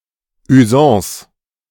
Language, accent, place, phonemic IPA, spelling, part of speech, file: German, Germany, Berlin, /yˈzɑ̃ːs/, Usance, noun, De-Usance.ogg
- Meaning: practice, usage, usance, especially in business matters